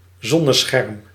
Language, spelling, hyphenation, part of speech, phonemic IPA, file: Dutch, zonnescherm, zon‧ne‧scherm, noun, /ˈzɔ.nəˌsxɛrm/, Nl-zonnescherm.ogg
- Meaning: 1. an awning 2. an umbrella used to block sunlight 3. any screen that blocks sunlight